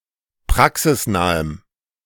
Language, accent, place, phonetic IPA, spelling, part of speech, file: German, Germany, Berlin, [ˈpʁaksɪsˌnaːəm], praxisnahem, adjective, De-praxisnahem.ogg
- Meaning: strong dative masculine/neuter singular of praxisnah